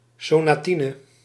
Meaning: sonatina
- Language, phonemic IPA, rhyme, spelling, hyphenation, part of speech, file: Dutch, /ˌsoː.naːˈti.nə/, -inə, sonatine, so‧na‧ti‧ne, noun, Nl-sonatine.ogg